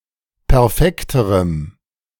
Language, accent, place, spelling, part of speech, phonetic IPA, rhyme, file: German, Germany, Berlin, perfekterem, adjective, [pɛʁˈfɛktəʁəm], -ɛktəʁəm, De-perfekterem.ogg
- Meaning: strong dative masculine/neuter singular comparative degree of perfekt